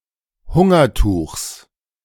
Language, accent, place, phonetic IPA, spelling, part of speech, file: German, Germany, Berlin, [ˈhʊŋɐˌtuːxs], Hungertuchs, noun, De-Hungertuchs.ogg
- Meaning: genitive singular of Hungertuch